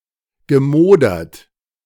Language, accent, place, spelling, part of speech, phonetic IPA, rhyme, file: German, Germany, Berlin, gemodert, verb, [ɡəˈmoːdɐt], -oːdɐt, De-gemodert.ogg
- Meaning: past participle of modern